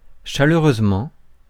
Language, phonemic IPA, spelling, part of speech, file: French, /ʃa.lœ.ʁøz.mɑ̃/, chaleureusement, adverb, Fr-chaleureusement.ogg
- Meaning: 1. passionately, warmly, animatedly 2. with warm regards